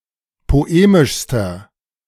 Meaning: inflection of poemisch: 1. strong/mixed nominative masculine singular superlative degree 2. strong genitive/dative feminine singular superlative degree 3. strong genitive plural superlative degree
- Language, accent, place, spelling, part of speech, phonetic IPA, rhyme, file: German, Germany, Berlin, poemischster, adjective, [poˈeːmɪʃstɐ], -eːmɪʃstɐ, De-poemischster.ogg